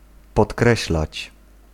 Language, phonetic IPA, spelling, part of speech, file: Polish, [pɔtˈkrɛɕlat͡ɕ], podkreślać, verb, Pl-podkreślać.ogg